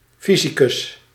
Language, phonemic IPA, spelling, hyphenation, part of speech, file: Dutch, /ˈfi.zi.kʏs/, fysicus, fy‧si‧cus, noun, Nl-fysicus.ogg
- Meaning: physicist, scientist or amateur student of physics